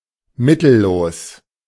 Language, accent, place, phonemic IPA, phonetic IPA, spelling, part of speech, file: German, Germany, Berlin, /ˈmɪtəˌloːs/, [ˈmɪtʰəˌloːs], mittellos, adjective, De-mittellos.ogg
- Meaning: without means, penniless